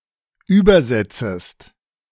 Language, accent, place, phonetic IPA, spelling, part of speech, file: German, Germany, Berlin, [ˈyːbɐˌzɛt͡səst], übersetzest, verb, De-übersetzest.ogg
- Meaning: second-person singular subjunctive I of übersetzen